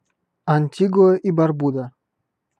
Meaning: Antigua and Barbuda (a country consisting of two islands in the Caribbean, Antigua and Barbuda, and numerous other small islands)
- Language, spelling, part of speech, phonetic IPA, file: Russian, Антигуа и Барбуда, proper noun, [ɐnʲˈtʲiɡʊə i bɐrˈbudə], Ru-Антигуа и Барбуда.ogg